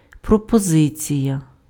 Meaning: 1. proposal, suggestion, proposition, offer 2. supply
- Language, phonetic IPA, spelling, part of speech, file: Ukrainian, [prɔpɔˈzɪt͡sʲijɐ], пропозиція, noun, Uk-пропозиція.ogg